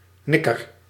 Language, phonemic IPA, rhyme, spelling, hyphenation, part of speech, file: Dutch, /ˈnɪkər/, -ɪkər, nikker, nik‧ker, noun, Nl-nikker.ogg
- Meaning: 1. a nigger (offensive slur for a black person) 2. a water spirit, especially one who lures (young) people to drown; a neck, nix, nixie 3. a demon, a devil